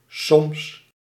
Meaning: 1. sometimes 2. maybe, perhaps
- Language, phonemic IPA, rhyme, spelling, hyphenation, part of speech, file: Dutch, /sɔms/, -ɔms, soms, soms, adverb, Nl-soms.ogg